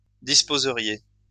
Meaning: second-person plural conditional of disposer
- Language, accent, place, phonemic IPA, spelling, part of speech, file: French, France, Lyon, /dis.po.zə.ʁje/, disposeriez, verb, LL-Q150 (fra)-disposeriez.wav